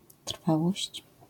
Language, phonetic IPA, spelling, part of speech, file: Polish, [ˈtr̥fawɔɕt͡ɕ], trwałość, noun, LL-Q809 (pol)-trwałość.wav